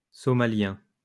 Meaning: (adjective) Somali; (noun) Somali, Somali language
- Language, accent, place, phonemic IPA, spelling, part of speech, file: French, France, Lyon, /sɔ.ma.ljɛ̃/, somalien, adjective / noun, LL-Q150 (fra)-somalien.wav